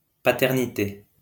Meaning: 1. fatherhood 2. authorship
- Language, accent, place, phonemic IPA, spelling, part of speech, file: French, France, Lyon, /pa.tɛʁ.ni.te/, paternité, noun, LL-Q150 (fra)-paternité.wav